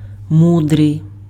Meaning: wise, sage
- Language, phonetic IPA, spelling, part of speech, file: Ukrainian, [ˈmudrei̯], мудрий, adjective, Uk-мудрий.ogg